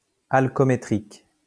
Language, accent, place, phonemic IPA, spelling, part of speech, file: French, France, Lyon, /al.kɔ.me.tʁik/, alcoométrique, adjective, LL-Q150 (fra)-alcoométrique.wav
- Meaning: alcoholic strength